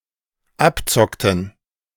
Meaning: inflection of abzocken: 1. first/third-person plural dependent preterite 2. first/third-person plural dependent subjunctive II
- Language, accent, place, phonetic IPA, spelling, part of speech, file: German, Germany, Berlin, [ˈapˌt͡sɔktn̩], abzockten, verb, De-abzockten.ogg